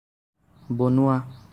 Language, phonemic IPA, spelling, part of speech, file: Assamese, /bɔ.nʊɑ/, বনোৱা, verb, As-বনোৱা.ogg
- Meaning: 1. to make, to build, to construct 2. to cook